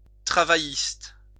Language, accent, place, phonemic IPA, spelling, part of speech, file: French, France, Lyon, /tʁa.va.jist/, travailliste, adjective / noun, LL-Q150 (fra)-travailliste.wav
- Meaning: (adjective) 1. working; labor 2. Labour, Labor; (noun) Labour supporter